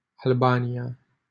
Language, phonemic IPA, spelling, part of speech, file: Romanian, /alˈba.ni.(j)a/, Albania, proper noun, LL-Q7913 (ron)-Albania.wav
- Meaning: Albania (a country in Southeastern Europe; official name: Republica Albania)